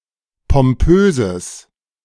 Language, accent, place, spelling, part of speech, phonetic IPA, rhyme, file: German, Germany, Berlin, pompöses, adjective, [pɔmˈpøːzəs], -øːzəs, De-pompöses.ogg
- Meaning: strong/mixed nominative/accusative neuter singular of pompös